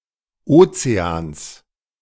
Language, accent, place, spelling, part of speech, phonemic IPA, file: German, Germany, Berlin, Ozeans, noun, /ˈʔoːtseaːns/, De-Ozeans.ogg
- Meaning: genitive singular of Ozean